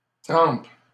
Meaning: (adjective) wet, soaked; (noun) beating, hiding; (verb) inflection of tremper: 1. first/third-person singular present indicative/subjunctive 2. second-person singular imperative
- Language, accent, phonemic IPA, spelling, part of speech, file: French, Canada, /tʁɑ̃p/, trempe, adjective / noun / verb, LL-Q150 (fra)-trempe.wav